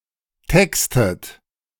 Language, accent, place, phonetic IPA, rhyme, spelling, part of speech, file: German, Germany, Berlin, [ˈtɛkstət], -ɛkstət, textet, verb, De-textet.ogg
- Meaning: inflection of texten: 1. second-person plural present 2. second-person plural subjunctive I 3. third-person singular present 4. plural imperative